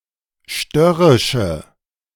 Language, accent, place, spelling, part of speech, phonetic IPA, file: German, Germany, Berlin, störrische, adjective, [ˈʃtœʁɪʃə], De-störrische.ogg
- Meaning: inflection of störrisch: 1. strong/mixed nominative/accusative feminine singular 2. strong nominative/accusative plural 3. weak nominative all-gender singular